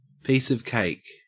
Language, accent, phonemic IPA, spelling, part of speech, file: English, Australia, /ˈpiːsə(v)ˈkeɪk/, piece of cake, noun, En-au-piece of cake.ogg
- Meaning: 1. A job, task or other activity that is pleasant or, by extension, easy or simple 2. Used other than figuratively or idiomatically: see piece, cake